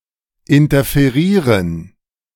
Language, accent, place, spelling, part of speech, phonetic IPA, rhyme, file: German, Germany, Berlin, interferieren, verb, [ɪntɐfeˈʁiːʁən], -iːʁən, De-interferieren.ogg
- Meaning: to interfere